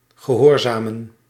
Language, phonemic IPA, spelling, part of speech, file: Dutch, /ɣəˈɦoːrzaːmə(n)/, gehoorzamen, verb, Nl-gehoorzamen.ogg
- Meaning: to obey